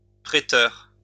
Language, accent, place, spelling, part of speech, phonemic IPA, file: French, France, Lyon, préteur, noun, /pʁe.tœʁ/, LL-Q150 (fra)-préteur.wav
- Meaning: praetor (elected magistrate)